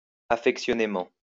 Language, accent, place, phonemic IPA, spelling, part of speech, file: French, France, Lyon, /a.fɛk.sjɔ.ne.mɑ̃/, affectionnément, adverb, LL-Q150 (fra)-affectionnément.wav
- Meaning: affectionately